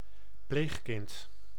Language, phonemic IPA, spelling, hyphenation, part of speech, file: Dutch, /ˈplexkɪnt/, pleegkind, pleeg‧kind, noun, Nl-pleegkind.ogg
- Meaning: a foster child, which is neither biological nor adoptive offspring but raised rather as if, temporarily or indefinitely